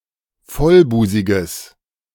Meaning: strong/mixed nominative/accusative neuter singular of vollbusig
- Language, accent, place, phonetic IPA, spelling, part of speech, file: German, Germany, Berlin, [ˈfɔlˌbuːzɪɡəs], vollbusiges, adjective, De-vollbusiges.ogg